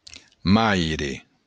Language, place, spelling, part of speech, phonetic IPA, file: Occitan, Béarn, maire, noun, [ˈmajɾe], LL-Q14185 (oci)-maire.wav
- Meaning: mother